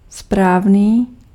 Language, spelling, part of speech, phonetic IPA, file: Czech, správný, adjective, [ˈspraːvniː], Cs-správný.ogg
- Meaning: 1. correct 2. proper